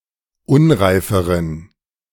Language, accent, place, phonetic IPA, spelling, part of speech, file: German, Germany, Berlin, [ˈʊnʁaɪ̯fəʁən], unreiferen, adjective, De-unreiferen.ogg
- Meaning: inflection of unreif: 1. strong genitive masculine/neuter singular comparative degree 2. weak/mixed genitive/dative all-gender singular comparative degree